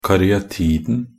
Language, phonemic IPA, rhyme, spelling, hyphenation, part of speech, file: Norwegian Bokmål, /karʏaˈtiːdn̩/, -iːdn̩, karyatiden, ka‧ry‧a‧ti‧den, noun, Nb-karyatiden.ogg
- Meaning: definite singular of karyatide